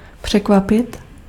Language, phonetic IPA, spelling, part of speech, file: Czech, [ˈpr̝̊ɛkvapɪt], překvapit, verb, Cs-překvapit.ogg
- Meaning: 1. to surprise (to cause to feel surprise) 2. to surprise (to do something to a person that they are not expecting)